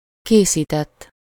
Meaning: 1. third-person singular indicative past indefinite of készít 2. past participle of készít
- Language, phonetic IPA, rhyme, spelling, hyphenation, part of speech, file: Hungarian, [ˈkeːsiːtɛtː], -ɛtː, készített, ké‧szí‧tett, verb, Hu-készített.ogg